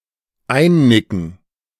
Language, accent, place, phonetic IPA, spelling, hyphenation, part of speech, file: German, Germany, Berlin, [ˈaɪ̯nˌnɪkn̩], einnicken, ein‧ni‧cken, verb, De-einnicken.ogg
- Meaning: to nod off